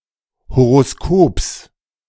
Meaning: genitive singular of Horoskop
- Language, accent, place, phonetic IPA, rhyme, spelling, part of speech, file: German, Germany, Berlin, [hoʁoˈskoːps], -oːps, Horoskops, noun, De-Horoskops.ogg